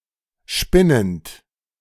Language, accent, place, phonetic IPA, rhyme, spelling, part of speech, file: German, Germany, Berlin, [ˈʃpɪnənt], -ɪnənt, spinnend, verb, De-spinnend.ogg
- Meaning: present participle of spinnen